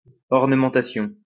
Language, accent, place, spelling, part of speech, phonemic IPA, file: French, France, Lyon, ornementation, noun, /ɔʁ.nə.mɑ̃.ta.sjɔ̃/, LL-Q150 (fra)-ornementation.wav
- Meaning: 1. ornamentation 2. ornateness